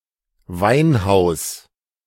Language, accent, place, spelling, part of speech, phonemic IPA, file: German, Germany, Berlin, Weinhaus, noun, /ˈvaɪ̯nˌhaʊ̯s/, De-Weinhaus.ogg
- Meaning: wine house, a place where wine is served